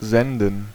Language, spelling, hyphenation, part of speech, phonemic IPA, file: German, senden, sen‧den, verb, /ˈzɛndən/, De-senden.ogg
- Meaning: 1. to broadcast; to transmit 2. to send